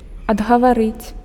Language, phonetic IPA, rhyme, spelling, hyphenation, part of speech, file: Belarusian, [adɣavaˈrɨt͡sʲ], -ɨt͡sʲ, адгаварыць, ад‧га‧ва‧рыць, verb, Be-адгаварыць.ogg
- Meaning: to discourage, dishearten, dissuade, talk out of